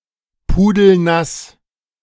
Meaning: drenched, soaked through
- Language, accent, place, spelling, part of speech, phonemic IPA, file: German, Germany, Berlin, pudelnass, adjective, /ˈpuːdl̩ˈnas/, De-pudelnass.ogg